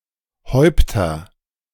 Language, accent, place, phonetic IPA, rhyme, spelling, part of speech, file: German, Germany, Berlin, [ˈhɔɪ̯ptɐ], -ɔɪ̯ptɐ, Häupter, noun, De-Häupter.ogg
- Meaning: nominative/accusative/genitive plural of Haupt